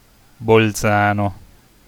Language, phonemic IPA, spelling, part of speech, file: Italian, /bɔlˈtsano/, Bolzano, proper noun, It-Bolzano.ogg